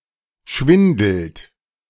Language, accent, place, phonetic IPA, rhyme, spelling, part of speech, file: German, Germany, Berlin, [ˈʃvɪndl̩t], -ɪndl̩t, schwindelt, verb, De-schwindelt.ogg
- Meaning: inflection of schwindeln: 1. third-person singular present 2. second-person plural present 3. plural imperative